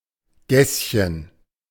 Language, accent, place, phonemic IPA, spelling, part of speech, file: German, Germany, Berlin, /ˈɡɛs.çən/, Gässchen, noun, De-Gässchen.ogg
- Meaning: diminutive of Gasse; small, narrow lane